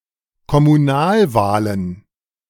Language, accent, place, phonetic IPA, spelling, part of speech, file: German, Germany, Berlin, [kɔmuˈnaːlˌvaːlən], Kommunalwahlen, noun, De-Kommunalwahlen.ogg
- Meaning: plural of Kommunalwahl